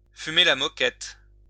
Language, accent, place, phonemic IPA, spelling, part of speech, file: French, France, Lyon, /fy.me la mɔ.kɛt/, fumer la moquette, verb, LL-Q150 (fra)-fumer la moquette.wav
- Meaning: Used as a jocular explanation of why someone is talking nonsense: they must be under the influence of drugs